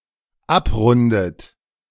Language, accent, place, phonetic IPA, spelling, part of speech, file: German, Germany, Berlin, [ˈapˌʁʊndət], abrundet, verb, De-abrundet.ogg
- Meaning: inflection of abrunden: 1. third-person singular dependent present 2. second-person plural dependent present 3. second-person plural dependent subjunctive I